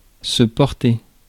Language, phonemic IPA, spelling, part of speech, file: French, /pɔʁ.te/, porter, verb, Fr-porter.ogg
- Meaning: 1. to carry 2. to support, to bear 3. to wear 4. to be about, to concern 5. to feel, to be in good/bad health